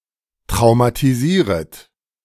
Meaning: second-person plural subjunctive I of traumatisieren
- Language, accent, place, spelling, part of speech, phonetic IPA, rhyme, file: German, Germany, Berlin, traumatisieret, verb, [tʁaʊ̯matiˈziːʁət], -iːʁət, De-traumatisieret.ogg